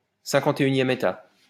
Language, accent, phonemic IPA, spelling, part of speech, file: French, France, /sɛ̃.kɑ̃.te.y.njɛm e.ta/, 51e État, noun, LL-Q150 (fra)-51e État.wav
- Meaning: fifty-first state